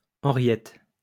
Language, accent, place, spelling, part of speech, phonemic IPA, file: French, France, Lyon, Henriette, proper noun, /ɑ̃.ʁjɛt/, LL-Q150 (fra)-Henriette.wav
- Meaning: a female given name, masculine equivalent Henri